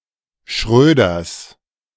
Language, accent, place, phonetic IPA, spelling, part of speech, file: German, Germany, Berlin, [ˈʃʁøːdɐs], Schröders, noun, De-Schröders.ogg
- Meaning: genitive singular of Schröder